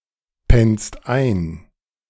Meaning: second-person singular present of einpennen
- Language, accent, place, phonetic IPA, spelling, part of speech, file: German, Germany, Berlin, [ˌpɛnst ˈaɪ̯n], pennst ein, verb, De-pennst ein.ogg